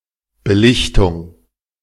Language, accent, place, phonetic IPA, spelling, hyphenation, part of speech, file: German, Germany, Berlin, [bəˈlɪçtʊŋ], Belichtung, Be‧lich‧tung, noun, De-Belichtung.ogg
- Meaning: 1. exposure 2. illumination (exposure to light)